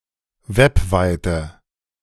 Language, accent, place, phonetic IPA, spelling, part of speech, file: German, Germany, Berlin, [ˈvɛpˌvaɪ̯tə], webweite, adjective, De-webweite.ogg
- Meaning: inflection of webweit: 1. strong/mixed nominative/accusative feminine singular 2. strong nominative/accusative plural 3. weak nominative all-gender singular 4. weak accusative feminine/neuter singular